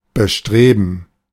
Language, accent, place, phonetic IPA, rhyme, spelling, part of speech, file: German, Germany, Berlin, [bəˈʃtʁeːbn̩], -eːbn̩, bestreben, verb, De-bestreben.ogg
- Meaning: to endeavor, to be eager